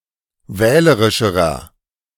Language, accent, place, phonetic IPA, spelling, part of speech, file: German, Germany, Berlin, [ˈvɛːləʁɪʃəʁɐ], wählerischerer, adjective, De-wählerischerer.ogg
- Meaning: inflection of wählerisch: 1. strong/mixed nominative masculine singular comparative degree 2. strong genitive/dative feminine singular comparative degree 3. strong genitive plural comparative degree